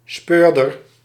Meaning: detective, (crime) investigator
- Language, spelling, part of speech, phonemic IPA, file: Dutch, speurder, noun, /ˈspørdər/, Nl-speurder.ogg